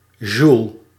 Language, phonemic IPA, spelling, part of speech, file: Dutch, /ʒul/, joule, noun, Nl-joule.ogg
- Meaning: joule